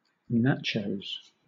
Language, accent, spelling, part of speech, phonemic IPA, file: English, Southern England, nachos, noun, /ˈnætʃəʊz/, LL-Q1860 (eng)-nachos.wav
- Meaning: 1. A Mexican dish of tortilla chips, covered in melted cheese and sometimes other ingredients 2. plural of nacho